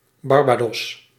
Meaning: Barbados (an island and country in the Caribbean)
- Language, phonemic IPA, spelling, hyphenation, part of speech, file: Dutch, /ˌbɑrˈbeː.dɔs/, Barbados, Bar‧ba‧dos, proper noun, Nl-Barbados.ogg